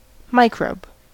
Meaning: Any microorganism; (loosely, nonscientifically) especially, a harmful bacterium
- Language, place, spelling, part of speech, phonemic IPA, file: English, California, microbe, noun, /ˈmaɪkɹoʊb/, En-us-microbe.ogg